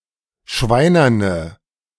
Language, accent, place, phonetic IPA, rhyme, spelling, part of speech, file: German, Germany, Berlin, [ˈʃvaɪ̯nɐnə], -aɪ̯nɐnə, schweinerne, adjective, De-schweinerne.ogg
- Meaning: inflection of schweinern: 1. strong/mixed nominative/accusative feminine singular 2. strong nominative/accusative plural 3. weak nominative all-gender singular